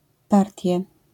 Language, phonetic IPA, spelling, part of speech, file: Polish, [ˈpartʲjɛ], partie, noun, LL-Q809 (pol)-partie.wav